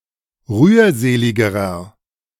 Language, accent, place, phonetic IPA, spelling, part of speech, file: German, Germany, Berlin, [ˈʁyːɐ̯ˌzeːlɪɡəʁɐ], rührseligerer, adjective, De-rührseligerer.ogg
- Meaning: inflection of rührselig: 1. strong/mixed nominative masculine singular comparative degree 2. strong genitive/dative feminine singular comparative degree 3. strong genitive plural comparative degree